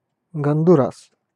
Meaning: Honduras (a country in Central America)
- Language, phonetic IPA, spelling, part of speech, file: Russian, [ɡəndʊˈras], Гондурас, proper noun, Ru-Гондурас.ogg